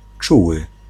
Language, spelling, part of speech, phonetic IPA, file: Polish, czuły, adjective / verb, [ˈt͡ʃuwɨ], Pl-czuły.ogg